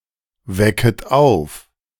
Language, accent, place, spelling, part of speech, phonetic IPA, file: German, Germany, Berlin, wecket auf, verb, [ˌvɛkət ˈaʊ̯f], De-wecket auf.ogg
- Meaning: second-person plural subjunctive I of aufwecken